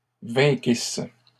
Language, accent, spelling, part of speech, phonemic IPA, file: French, Canada, vainquisse, verb, /vɛ̃.kis/, LL-Q150 (fra)-vainquisse.wav
- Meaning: first-person singular imperfect subjunctive of vaincre